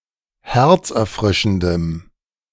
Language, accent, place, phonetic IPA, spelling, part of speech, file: German, Germany, Berlin, [ˈhɛʁt͡sʔɛɐ̯ˌfʁɪʃn̩dəm], herzerfrischendem, adjective, De-herzerfrischendem.ogg
- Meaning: strong dative masculine/neuter singular of herzerfrischend